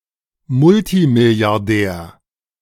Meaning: multibillionaire
- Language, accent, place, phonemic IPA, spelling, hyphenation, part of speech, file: German, Germany, Berlin, /ˈmʊltimɪli̯aʁˌdɛːɐ̯/, Multimilliardär, Mul‧ti‧mil‧li‧ar‧där, noun, De-Multimilliardär.ogg